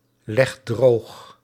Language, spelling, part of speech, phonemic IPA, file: Dutch, legt droog, verb, /ˈlɛxt ˈdrox/, Nl-legt droog.ogg
- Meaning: inflection of droogleggen: 1. second/third-person singular present indicative 2. plural imperative